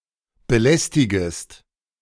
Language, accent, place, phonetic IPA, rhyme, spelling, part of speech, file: German, Germany, Berlin, [bəˈlɛstɪɡəst], -ɛstɪɡəst, belästigest, verb, De-belästigest.ogg
- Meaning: second-person singular subjunctive I of belästigen